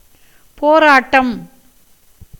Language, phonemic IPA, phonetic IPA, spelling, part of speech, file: Tamil, /poːɾɑːʈːɐm/, [poːɾäːʈːɐm], போராட்டம், noun, Ta-போராட்டம்.ogg
- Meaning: 1. fighting, confrontation 2. combat, struggle, agitation 3. competition, rivalry 4. protest